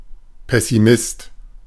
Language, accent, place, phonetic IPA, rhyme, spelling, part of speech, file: German, Germany, Berlin, [pɛsiˈmɪst], -ɪst, Pessimist, noun, De-Pessimist.ogg
- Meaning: pessimist